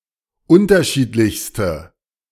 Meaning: inflection of unterschiedlich: 1. strong/mixed nominative/accusative feminine singular superlative degree 2. strong nominative/accusative plural superlative degree
- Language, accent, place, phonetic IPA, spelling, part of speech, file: German, Germany, Berlin, [ˈʊntɐˌʃiːtlɪçstə], unterschiedlichste, adjective, De-unterschiedlichste.ogg